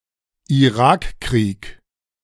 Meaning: Iraq War (US-led invasion of Iraq in 2003)
- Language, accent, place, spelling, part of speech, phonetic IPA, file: German, Germany, Berlin, Irakkrieg, noun, [iˈʁaːkˌkʁiːk], De-Irakkrieg.ogg